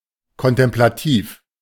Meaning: contemplative
- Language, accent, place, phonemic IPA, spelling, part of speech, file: German, Germany, Berlin, /kɔntɛmplaˈtiːf/, kontemplativ, adjective, De-kontemplativ.ogg